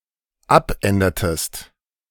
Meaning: inflection of abändern: 1. second-person singular dependent preterite 2. second-person singular dependent subjunctive II
- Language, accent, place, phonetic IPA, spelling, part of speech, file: German, Germany, Berlin, [ˈapˌʔɛndɐtəst], abändertest, verb, De-abändertest.ogg